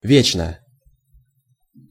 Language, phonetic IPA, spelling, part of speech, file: Russian, [ˈvʲet͡ɕnə], вечно, adverb / adjective, Ru-вечно.ogg
- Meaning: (adverb) 1. always, forever, eternally 2. perpetually, everlastingly 3. constantly; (adjective) short neuter singular of ве́чный (véčnyj)